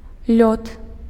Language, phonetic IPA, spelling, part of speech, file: Belarusian, [lʲot], лёд, noun, Be-лёд.ogg
- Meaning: ice